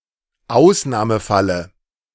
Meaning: dative singular of Ausnahmefall
- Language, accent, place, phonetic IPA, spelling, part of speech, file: German, Germany, Berlin, [ˈaʊ̯snaːməˌfalə], Ausnahmefalle, noun, De-Ausnahmefalle.ogg